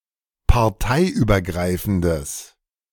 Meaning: strong/mixed nominative/accusative neuter singular of parteiübergreifend
- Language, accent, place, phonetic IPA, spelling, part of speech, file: German, Germany, Berlin, [paʁˈtaɪ̯ʔyːbɐˌɡʁaɪ̯fn̩dəs], parteiübergreifendes, adjective, De-parteiübergreifendes.ogg